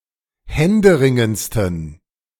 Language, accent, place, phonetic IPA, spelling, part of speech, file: German, Germany, Berlin, [ˈhɛndəˌʁɪŋənt͡stn̩], händeringendsten, adjective, De-händeringendsten.ogg
- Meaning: 1. superlative degree of händeringend 2. inflection of händeringend: strong genitive masculine/neuter singular superlative degree